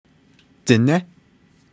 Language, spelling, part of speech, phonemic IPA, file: Navajo, diné, noun, /tɪ̀nɛ́/, Nv-diné.ogg
- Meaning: 1. person 2. man 3. the people 4. Navajo